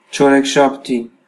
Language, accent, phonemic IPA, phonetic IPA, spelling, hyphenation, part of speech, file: Armenian, Eastern Armenian, /t͡ʃʰoɾekʰʃɑbˈtʰi/, [t͡ʃʰoɾekʰʃɑpʰtʰí], չորեքշաբթի, չո‧րեք‧շաբ‧թի, noun, Hy-EA-չորեքշաբթի.ogg
- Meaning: Wednesday